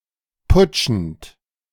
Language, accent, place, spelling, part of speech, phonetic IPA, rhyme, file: German, Germany, Berlin, putschend, verb, [ˈpʊt͡ʃn̩t], -ʊt͡ʃn̩t, De-putschend.ogg
- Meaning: present participle of putschen